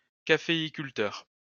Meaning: coffee grower, coffee planter: one who grows and harvests coffee on a coffee plantation
- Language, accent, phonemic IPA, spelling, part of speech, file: French, France, /ka.fe.i.kyl.tœʁ/, caféiculteur, noun, LL-Q150 (fra)-caféiculteur.wav